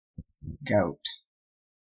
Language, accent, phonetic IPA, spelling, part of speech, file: English, Canada, [ɡʌut], gout, noun / verb, En-ca-gout.ogg